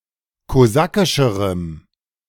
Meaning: strong dative masculine/neuter singular comparative degree of kosakisch
- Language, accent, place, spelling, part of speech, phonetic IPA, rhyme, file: German, Germany, Berlin, kosakischerem, adjective, [koˈzakɪʃəʁəm], -akɪʃəʁəm, De-kosakischerem.ogg